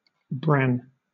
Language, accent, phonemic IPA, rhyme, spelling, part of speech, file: English, Southern England, /ˈbɹæn/, -æn, bran, noun / verb, LL-Q1860 (eng)-bran.wav
- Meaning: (noun) The broken coat of the seed of wheat, rye, or other cereal grain, separated from the flour or meal by sifting or bolting; the coarse, chaffy part of ground grain